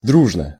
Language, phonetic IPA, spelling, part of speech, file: Russian, [ˈdruʐnə], дружно, adverb / adjective, Ru-дружно.ogg
- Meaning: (adverb) 1. amicably, in a friendly manner 2. simultaneously, hand in hand, (everybody) together, in a concerted effort; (adjective) short neuter singular of дру́жный (drúžnyj)